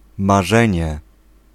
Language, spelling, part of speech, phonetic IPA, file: Polish, marzenie, noun, [maˈʒɛ̃ɲɛ], Pl-marzenie.ogg